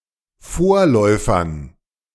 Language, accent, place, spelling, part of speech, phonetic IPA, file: German, Germany, Berlin, Vorläufern, noun, [ˈfoːɐ̯ˌlɔɪ̯fɐn], De-Vorläufern.ogg
- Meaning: dative plural of Vorläufer